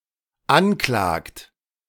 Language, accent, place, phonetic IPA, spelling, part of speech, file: German, Germany, Berlin, [ˈanˌklaːkt], anklagt, verb, De-anklagt.ogg
- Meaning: inflection of anklagen: 1. third-person singular dependent present 2. second-person plural dependent present